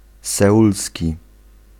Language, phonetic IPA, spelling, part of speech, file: Polish, [sɛˈʷulsʲci], seulski, adjective, Pl-seulski.ogg